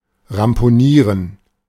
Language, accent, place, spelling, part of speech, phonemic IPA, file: German, Germany, Berlin, ramponieren, verb, /rampoˈniːrən/, De-ramponieren.ogg
- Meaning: to damage severely; to destroy